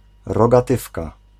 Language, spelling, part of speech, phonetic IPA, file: Polish, rogatywka, noun, [ˌrɔɡaˈtɨfka], Pl-rogatywka.ogg